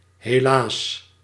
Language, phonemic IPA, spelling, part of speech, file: Dutch, /ɦeːˈlaːs/, helaas, adverb / interjection, Nl-helaas.ogg
- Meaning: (adverb) unfortunately; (interjection) alas!